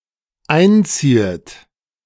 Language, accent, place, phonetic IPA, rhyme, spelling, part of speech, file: German, Germany, Berlin, [ˈaɪ̯nˌt͡siːət], -aɪ̯nt͡siːət, einziehet, verb, De-einziehet.ogg
- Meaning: second-person plural dependent subjunctive I of einziehen